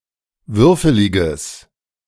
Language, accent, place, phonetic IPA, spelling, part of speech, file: German, Germany, Berlin, [ˈvʏʁfəlɪɡəs], würfeliges, adjective, De-würfeliges.ogg
- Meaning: strong/mixed nominative/accusative neuter singular of würfelig